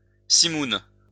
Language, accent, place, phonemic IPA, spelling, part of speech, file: French, France, Lyon, /si.mun/, simoun, noun, LL-Q150 (fra)-simoun.wav
- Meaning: simoom